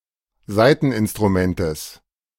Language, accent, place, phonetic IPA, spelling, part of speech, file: German, Germany, Berlin, [ˈzaɪ̯tn̩ʔɪnstʁuˌmɛntəs], Saiteninstrumentes, noun, De-Saiteninstrumentes.ogg
- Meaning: genitive singular of Saiteninstrument